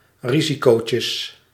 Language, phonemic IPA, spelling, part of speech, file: Dutch, /ˈriziˌkocə/, risicootje, noun, Nl-risicootje.ogg
- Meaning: diminutive of risico